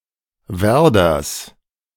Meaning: genitive singular of Werder
- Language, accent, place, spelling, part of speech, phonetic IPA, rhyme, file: German, Germany, Berlin, Werders, noun, [ˈvɛʁdɐs], -ɛʁdɐs, De-Werders.ogg